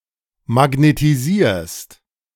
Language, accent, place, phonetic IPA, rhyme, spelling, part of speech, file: German, Germany, Berlin, [maɡnetiˈziːɐ̯st], -iːɐ̯st, magnetisierst, verb, De-magnetisierst.ogg
- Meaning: second-person singular present of magnetisieren